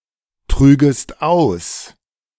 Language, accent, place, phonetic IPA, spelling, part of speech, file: German, Germany, Berlin, [ˌtʁyːɡəst ˈaʊ̯s], trügest aus, verb, De-trügest aus.ogg
- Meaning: second-person singular subjunctive II of austragen